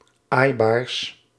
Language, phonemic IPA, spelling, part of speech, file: Dutch, /ˈajbars/, aaibaars, adjective, Nl-aaibaars.ogg
- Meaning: partitive of aaibaar